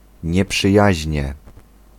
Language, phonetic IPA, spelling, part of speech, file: Polish, [ˌɲɛpʃɨˈjäʑɲɛ], nieprzyjaźnie, adverb, Pl-nieprzyjaźnie.ogg